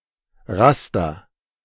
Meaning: 1. raster (pattern of parallel lines that form the display of an image) 2. framework, schema
- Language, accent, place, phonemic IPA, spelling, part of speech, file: German, Germany, Berlin, /ˈʁastɐ/, Raster, noun, De-Raster.ogg